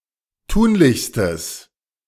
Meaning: strong/mixed nominative/accusative neuter singular superlative degree of tunlich
- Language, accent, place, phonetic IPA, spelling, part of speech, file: German, Germany, Berlin, [ˈtuːnlɪçstəs], tunlichstes, adjective, De-tunlichstes.ogg